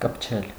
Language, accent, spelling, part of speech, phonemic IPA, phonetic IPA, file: Armenian, Eastern Armenian, կպչել, verb, /kəpˈt͡ʃʰel/, [kəpt͡ʃʰél], Hy-կպչել.ogg
- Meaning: 1. to stick (to), cling (to) 2. to touch 3. to catch fire 4. to take, to begin to grow after being grafted or planted 5. to wrestle 6. to bother, pester